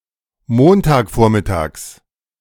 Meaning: genitive of Montagvormittag
- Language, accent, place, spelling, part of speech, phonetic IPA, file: German, Germany, Berlin, Montagvormittags, noun, [ˈmontaːkˌfoːɐ̯mɪtaːks], De-Montagvormittags.ogg